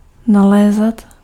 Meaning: imperfective of nalézt
- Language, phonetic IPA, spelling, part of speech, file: Czech, [ˈnalɛːzat], nalézat, verb, Cs-nalézat.ogg